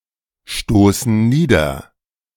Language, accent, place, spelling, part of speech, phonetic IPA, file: German, Germany, Berlin, stoßen nieder, verb, [ˌʃtoːsn̩ ˈniːdɐ], De-stoßen nieder.ogg
- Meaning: inflection of niederstoßen: 1. first/third-person plural present 2. first/third-person plural subjunctive I